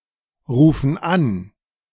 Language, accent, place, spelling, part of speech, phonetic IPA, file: German, Germany, Berlin, rufen an, verb, [ˌʁuːfn̩ ˈan], De-rufen an.ogg
- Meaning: inflection of anrufen: 1. first/third-person plural present 2. first/third-person plural subjunctive I